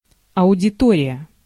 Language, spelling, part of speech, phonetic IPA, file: Russian, аудитория, noun, [ɐʊdʲɪˈtorʲɪjə], Ru-аудитория.ogg
- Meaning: 1. auditorium 2. audience 3. lecture hall